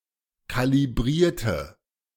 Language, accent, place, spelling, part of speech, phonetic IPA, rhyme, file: German, Germany, Berlin, kalibrierte, adjective / verb, [ˌkaliˈbʁiːɐ̯tə], -iːɐ̯tə, De-kalibrierte.ogg
- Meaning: inflection of kalibrieren: 1. first/third-person singular preterite 2. first/third-person singular subjunctive II